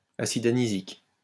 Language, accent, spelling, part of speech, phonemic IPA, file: French, France, acide anisique, noun, /a.sid a.ni.zik/, LL-Q150 (fra)-acide anisique.wav
- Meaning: anisic acid